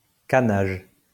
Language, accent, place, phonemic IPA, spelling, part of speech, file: French, France, Lyon, /ka.naʒ/, cannage, noun, LL-Q150 (fra)-cannage.wav
- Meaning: caning (working with canes, cane craftwork)